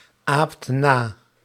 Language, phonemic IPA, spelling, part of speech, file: Dutch, /ˈapt ˈna/, aapt na, verb, Nl-aapt na.ogg
- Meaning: inflection of na-apen: 1. second/third-person singular present indicative 2. plural imperative